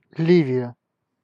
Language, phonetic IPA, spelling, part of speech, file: Russian, [ˈlʲivʲɪjə], Ливия, proper noun, Ru-Ливия.ogg
- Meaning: Libya (a country in North Africa)